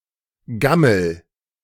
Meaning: inflection of gammeln: 1. first-person singular present 2. singular imperative
- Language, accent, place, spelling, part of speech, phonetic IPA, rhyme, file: German, Germany, Berlin, gammel, verb, [ˈɡaml̩], -aml̩, De-gammel.ogg